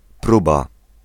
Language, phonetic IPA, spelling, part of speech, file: Polish, [ˈpruba], próba, noun, Pl-próba.ogg